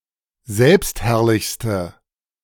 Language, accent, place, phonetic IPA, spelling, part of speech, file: German, Germany, Berlin, [ˈzɛlpstˌhɛʁlɪçstə], selbstherrlichste, adjective, De-selbstherrlichste.ogg
- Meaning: inflection of selbstherrlich: 1. strong/mixed nominative/accusative feminine singular superlative degree 2. strong nominative/accusative plural superlative degree